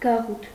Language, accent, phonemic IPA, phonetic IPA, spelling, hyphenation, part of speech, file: Armenian, Eastern Armenian, /ɡɑˈʁutʰ/, [ɡɑʁútʰ], գաղութ, գա‧ղութ, noun, Hy-գաղութ.ogg
- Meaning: 1. colony, settlement 2. colonists, settlers